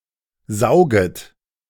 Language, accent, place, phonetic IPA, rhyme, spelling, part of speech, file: German, Germany, Berlin, [ˈzaʊ̯ɡət], -aʊ̯ɡət, sauget, verb, De-sauget.ogg
- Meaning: second-person plural subjunctive I of saugen